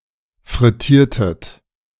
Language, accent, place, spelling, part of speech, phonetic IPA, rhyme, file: German, Germany, Berlin, frittiertet, verb, [fʁɪˈtiːɐ̯tət], -iːɐ̯tət, De-frittiertet.ogg
- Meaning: inflection of frittieren: 1. second-person plural preterite 2. second-person plural subjunctive II